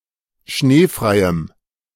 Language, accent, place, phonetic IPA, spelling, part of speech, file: German, Germany, Berlin, [ˈʃneːfʁaɪ̯əm], schneefreiem, adjective, De-schneefreiem.ogg
- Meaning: strong dative masculine/neuter singular of schneefrei